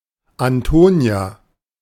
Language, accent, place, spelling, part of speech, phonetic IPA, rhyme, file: German, Germany, Berlin, Antonia, proper noun, [anˈtoːni̯a], -oːni̯a, De-Antonia.ogg
- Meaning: a female given name, masculine equivalent Anton